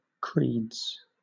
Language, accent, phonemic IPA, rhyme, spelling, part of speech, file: English, Southern England, /kɹiːdz/, -iːdz, creeds, noun / verb, LL-Q1860 (eng)-creeds.wav
- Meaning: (noun) plural of creed; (verb) third-person singular simple present indicative of creed